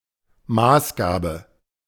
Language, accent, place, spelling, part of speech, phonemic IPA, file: German, Germany, Berlin, Maßgabe, noun, /ˈmaːsˌɡaːbə/, De-Maßgabe.ogg
- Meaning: stipulation, proviso